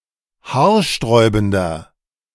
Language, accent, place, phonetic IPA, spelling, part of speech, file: German, Germany, Berlin, [ˈhaːɐ̯ˌʃtʁɔɪ̯bn̩dɐ], haarsträubender, adjective, De-haarsträubender.ogg
- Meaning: 1. comparative degree of haarsträubend 2. inflection of haarsträubend: strong/mixed nominative masculine singular 3. inflection of haarsträubend: strong genitive/dative feminine singular